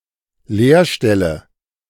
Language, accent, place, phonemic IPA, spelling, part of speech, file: German, Germany, Berlin, /ˈleːɐ̯ˌʃtɛlə/, Lehrstelle, noun, De-Lehrstelle.ogg
- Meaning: apprenticeship position